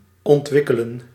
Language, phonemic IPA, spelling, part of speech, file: Dutch, /ɔntˈʋɪ.kə.lə(n)/, ontwikkelen, verb, Nl-ontwikkelen.ogg
- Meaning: to develop